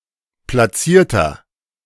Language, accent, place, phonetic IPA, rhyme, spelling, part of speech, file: German, Germany, Berlin, [plaˈt͡siːɐ̯tɐ], -iːɐ̯tɐ, platzierter, adjective, De-platzierter.ogg
- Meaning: inflection of platziert: 1. strong/mixed nominative masculine singular 2. strong genitive/dative feminine singular 3. strong genitive plural